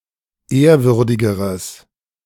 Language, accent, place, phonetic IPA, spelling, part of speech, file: German, Germany, Berlin, [ˈeːɐ̯ˌvʏʁdɪɡəʁəs], ehrwürdigeres, adjective, De-ehrwürdigeres.ogg
- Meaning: strong/mixed nominative/accusative neuter singular comparative degree of ehrwürdig